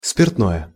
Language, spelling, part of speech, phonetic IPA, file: Russian, спиртное, noun / adjective, [spʲɪrtˈnojə], Ru-спиртное.ogg
- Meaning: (noun) alcoholic drinks, spirits; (adjective) neuter nominative/accusative singular of спиртно́й (spirtnój)